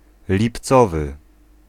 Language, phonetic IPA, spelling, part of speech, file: Polish, [lʲipˈt͡sɔvɨ], lipcowy, adjective, Pl-lipcowy.ogg